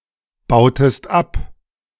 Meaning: inflection of abbauen: 1. second-person singular preterite 2. second-person singular subjunctive II
- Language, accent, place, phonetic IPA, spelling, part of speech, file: German, Germany, Berlin, [ˌbaʊ̯təst ˈap], bautest ab, verb, De-bautest ab.ogg